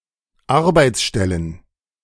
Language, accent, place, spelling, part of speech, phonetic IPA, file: German, Germany, Berlin, Arbeitsstellen, noun, [ˈaʁbaɪ̯t͡sˌʃtɛlən], De-Arbeitsstellen.ogg
- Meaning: plural of Arbeitsstelle